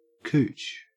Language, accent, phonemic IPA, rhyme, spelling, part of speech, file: English, Australia, /kuːt͡ʃ/, -uːtʃ, cooch, noun, En-au-cooch.ogg
- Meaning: 1. The hootchy-kootchy, a type of erotic dance 2. The vagina or vulva